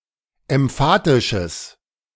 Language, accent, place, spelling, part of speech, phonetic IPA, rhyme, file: German, Germany, Berlin, emphatisches, adjective, [ɛmˈfaːtɪʃəs], -aːtɪʃəs, De-emphatisches.ogg
- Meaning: strong/mixed nominative/accusative neuter singular of emphatisch